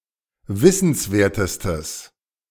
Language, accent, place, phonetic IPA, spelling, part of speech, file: German, Germany, Berlin, [ˈvɪsn̩sˌveːɐ̯təstəs], wissenswertestes, adjective, De-wissenswertestes.ogg
- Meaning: strong/mixed nominative/accusative neuter singular superlative degree of wissenswert